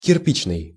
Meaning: 1. brick 2. brick-red
- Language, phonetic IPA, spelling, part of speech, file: Russian, [kʲɪrˈpʲit͡ɕnɨj], кирпичный, adjective, Ru-кирпичный.ogg